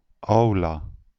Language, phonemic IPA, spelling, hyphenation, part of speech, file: Dutch, /ˈɑu̯.laː/, aula, au‧la, noun, Nl-aula.ogg
- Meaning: the auditorium or main hall of a school or university